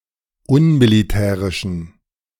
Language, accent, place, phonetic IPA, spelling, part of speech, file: German, Germany, Berlin, [ˈʊnmiliˌtɛːʁɪʃn̩], unmilitärischen, adjective, De-unmilitärischen.ogg
- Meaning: inflection of unmilitärisch: 1. strong genitive masculine/neuter singular 2. weak/mixed genitive/dative all-gender singular 3. strong/weak/mixed accusative masculine singular 4. strong dative plural